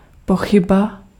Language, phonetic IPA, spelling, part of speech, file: Czech, [ˈpoxɪba], pochyba, noun, Cs-pochyba.ogg
- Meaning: doubt